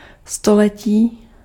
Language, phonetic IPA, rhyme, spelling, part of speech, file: Czech, [ˈstolɛciː], -ɛciː, století, noun, Cs-století.ogg
- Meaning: century (period of 100 years)